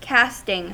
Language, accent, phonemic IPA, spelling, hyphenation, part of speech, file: English, US, /ˈkæstɪŋ/, casting, cast‧ing, verb / noun, En-us-casting.ogg
- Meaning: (verb) present participle and gerund of cast; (noun) 1. The act or process of selecting actors, singers, dancers, models, etc 2. A manufacturing process using a mold 3. An object made in a mold